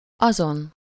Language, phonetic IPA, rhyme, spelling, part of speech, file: Hungarian, [ˈɒzon], -on, azon, determiner / pronoun, Hu-azon.ogg
- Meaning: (determiner) 1. superessive singular of az (agreeing in number and case with the head of the phrase, see az) 2. the, that, those; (pronoun) superessive singular of az